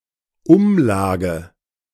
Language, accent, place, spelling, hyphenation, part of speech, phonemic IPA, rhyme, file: German, Germany, Berlin, Umlage, Um‧la‧ge, noun, /ˈʊmˌlaːɡə/, -aːɡə, De-Umlage.ogg
- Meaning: levy, apportionment